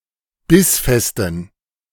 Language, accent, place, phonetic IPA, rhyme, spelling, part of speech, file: German, Germany, Berlin, [ˈbɪsˌfɛstn̩], -ɪsfɛstn̩, bissfesten, adjective, De-bissfesten.ogg
- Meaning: inflection of bissfest: 1. strong genitive masculine/neuter singular 2. weak/mixed genitive/dative all-gender singular 3. strong/weak/mixed accusative masculine singular 4. strong dative plural